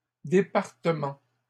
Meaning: plural of département
- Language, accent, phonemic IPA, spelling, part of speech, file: French, Canada, /de.paʁ.tə.mɑ̃/, départements, noun, LL-Q150 (fra)-départements.wav